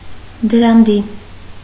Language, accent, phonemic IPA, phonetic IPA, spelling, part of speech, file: Armenian, Eastern Armenian, /dəɾɑnˈdi/, [dəɾɑndí], դրանդի, noun, Hy-դրանդի.ogg
- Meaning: 1. threshold, doorstep 2. the upper horizontal part of the door-frame 3. doorframe